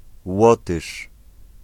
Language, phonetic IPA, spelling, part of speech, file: Polish, [ˈwɔtɨʃ], Łotysz, noun, Pl-Łotysz.ogg